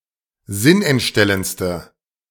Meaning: inflection of sinnentstellend: 1. strong/mixed nominative/accusative feminine singular superlative degree 2. strong nominative/accusative plural superlative degree
- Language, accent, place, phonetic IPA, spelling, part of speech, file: German, Germany, Berlin, [ˈzɪnʔɛntˌʃtɛlənt͡stə], sinnentstellendste, adjective, De-sinnentstellendste.ogg